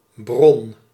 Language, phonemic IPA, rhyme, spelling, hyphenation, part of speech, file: Dutch, /brɔn/, -ɔn, bron, bron, noun, Nl-bron.ogg
- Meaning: 1. source 2. spring (in fountain) 3. well (the place to get water)